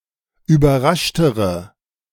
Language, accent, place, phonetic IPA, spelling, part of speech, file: German, Germany, Berlin, [yːbɐˈʁaʃtəʁə], überraschtere, adjective, De-überraschtere.ogg
- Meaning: inflection of überrascht: 1. strong/mixed nominative/accusative feminine singular comparative degree 2. strong nominative/accusative plural comparative degree